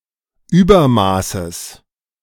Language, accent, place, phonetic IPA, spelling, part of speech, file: German, Germany, Berlin, [ˈyːbɐˌmaːsəs], Übermaßes, noun, De-Übermaßes.ogg
- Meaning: genitive singular of Übermaß